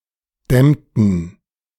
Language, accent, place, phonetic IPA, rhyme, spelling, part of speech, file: German, Germany, Berlin, [ˈdɛmtn̩], -ɛmtn̩, dämmten, verb, De-dämmten.ogg
- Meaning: inflection of dämmen: 1. first/third-person plural preterite 2. first/third-person plural subjunctive II